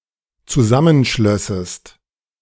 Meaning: second-person singular dependent subjunctive II of zusammenschließen
- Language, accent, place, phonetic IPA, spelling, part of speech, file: German, Germany, Berlin, [t͡suˈzamənˌʃlœsəst], zusammenschlössest, verb, De-zusammenschlössest.ogg